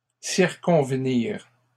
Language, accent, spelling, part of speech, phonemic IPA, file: French, Canada, circonvenir, verb, /siʁ.kɔ̃v.niʁ/, LL-Q150 (fra)-circonvenir.wav
- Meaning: to circumvent